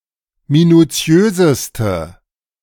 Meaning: inflection of minutiös: 1. strong/mixed nominative/accusative feminine singular superlative degree 2. strong nominative/accusative plural superlative degree
- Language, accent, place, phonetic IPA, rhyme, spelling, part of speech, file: German, Germany, Berlin, [minuˈt͡si̯øːzəstə], -øːzəstə, minutiöseste, adjective, De-minutiöseste.ogg